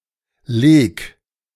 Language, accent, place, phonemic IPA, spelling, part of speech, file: German, Germany, Berlin, /leːk/, leg, verb, De-leg.ogg
- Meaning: 1. first-person singular present of legen 2. singular imperative of legen 3. first-person singular subjunctive I of legen 4. third-person singular subjunctive I of legen